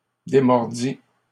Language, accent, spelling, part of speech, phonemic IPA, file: French, Canada, démordît, verb, /de.mɔʁ.di/, LL-Q150 (fra)-démordît.wav
- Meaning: third-person singular imperfect subjunctive of démordre